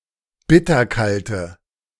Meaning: inflection of bitterkalt: 1. strong/mixed nominative/accusative feminine singular 2. strong nominative/accusative plural 3. weak nominative all-gender singular
- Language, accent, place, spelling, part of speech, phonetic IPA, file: German, Germany, Berlin, bitterkalte, adjective, [ˈbɪtɐˌkaltə], De-bitterkalte.ogg